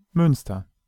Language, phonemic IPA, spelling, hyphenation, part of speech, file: German, /ˈmʏnstɐ/, Münster, Müns‧ter, noun / proper noun, De-Münster.ogg
- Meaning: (noun) minster (large, originally monastic church); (proper noun) Münster (an independent city in North Rhine-Westphalia, Germany)